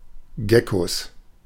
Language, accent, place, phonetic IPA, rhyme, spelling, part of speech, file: German, Germany, Berlin, [ˈɡɛkos], -ɛkos, Geckos, noun, De-Geckos.ogg
- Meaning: 1. genitive singular of Gecko 2. plural of Gecko